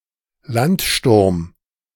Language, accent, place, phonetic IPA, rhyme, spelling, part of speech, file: German, Germany, Berlin, [ˈlantˌʃtʊʁm], -antʃtʊʁm, Landsturm, noun, De-Landsturm.ogg